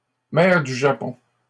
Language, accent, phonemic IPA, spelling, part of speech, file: French, Canada, /mɛʁ dy ʒa.pɔ̃/, mer du Japon, proper noun, LL-Q150 (fra)-mer du Japon.wav
- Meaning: Sea of Japan